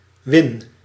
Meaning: inflection of winnen: 1. first-person singular present indicative 2. second-person singular present indicative 3. imperative
- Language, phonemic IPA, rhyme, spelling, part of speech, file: Dutch, /ʋɪn/, -ɪn, win, verb, Nl-win.ogg